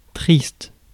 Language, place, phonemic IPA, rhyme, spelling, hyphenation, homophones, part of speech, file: French, Paris, /tʁist/, -ist, triste, triste, tristes, adjective, Fr-triste.ogg
- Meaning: sad